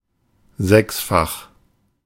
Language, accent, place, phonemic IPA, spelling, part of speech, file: German, Germany, Berlin, /ˈzɛksfax/, sechsfach, adjective, De-sechsfach.ogg
- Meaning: 1. sixfold 2. sextuple